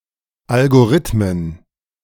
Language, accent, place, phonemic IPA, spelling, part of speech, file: German, Germany, Berlin, /ˌʔalɡoˈʁɪtmən/, Algorithmen, noun, De-Algorithmen.ogg
- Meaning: plural of Algorithmus